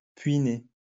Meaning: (adjective) 1. cadet (born after a sibling) 2. puisne; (noun) cadet (someone born after a sibling)
- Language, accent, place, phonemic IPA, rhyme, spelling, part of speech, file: French, France, Lyon, /pɥi.ne/, -e, puîné, adjective / noun, LL-Q150 (fra)-puîné.wav